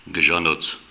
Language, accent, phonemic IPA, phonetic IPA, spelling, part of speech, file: Armenian, Eastern Armenian, /ɡəʒɑˈnot͡sʰ/, [ɡəʒɑnót͡sʰ], գժանոց, noun / adjective, Hy-գժանոց.ogg
- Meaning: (noun) 1. madhouse, bedlam, funny farm, looney bin 2. bedlam, place or situation of chaotic uproar; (adjective) rad, excellent